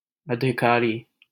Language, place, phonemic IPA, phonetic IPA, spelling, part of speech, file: Hindi, Delhi, /ə.d̪ʱɪ.kɑː.ɾiː/, [ɐ.d̪ʱɪ.käː.ɾiː], अधिकारी, noun, LL-Q1568 (hin)-अधिकारी.wav
- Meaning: 1. officer; one with authority 2. functionary